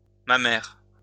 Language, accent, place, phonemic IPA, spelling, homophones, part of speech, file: French, France, Lyon, /ma.mɛʁ/, mammaire, Mamère, adjective, LL-Q150 (fra)-mammaire.wav
- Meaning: mammary